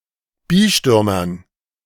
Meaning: dative plural of Bistum
- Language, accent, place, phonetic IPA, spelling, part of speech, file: German, Germany, Berlin, [ˈbɪstyːmɐn], Bistümern, noun, De-Bistümern.ogg